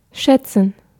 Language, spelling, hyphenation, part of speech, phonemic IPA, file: German, schätzen, schät‧zen, verb, /ˈʃɛtsn̩/, De-schätzen.ogg
- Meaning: 1. to estimate; to guess; to suppose; to assume 2. to evaluate; to price; to assess 3. to esteem; to appreciate; to value (e.g. an act of kindness or a helpful person)